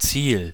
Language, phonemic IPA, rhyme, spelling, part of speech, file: German, /tsiːl/, -iːl, Ziel, noun, De-Ziel.ogg
- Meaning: 1. target 2. goal (not in football, see Tor) 3. aim 4. purpose 5. destination 6. finish line (in skiing)